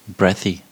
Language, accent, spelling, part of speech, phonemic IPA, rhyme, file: English, US, breathy, adjective, /ˈbɹɛθi/, -ɛθi, En-us-breathy.ogg
- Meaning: Accompanied by audible breathing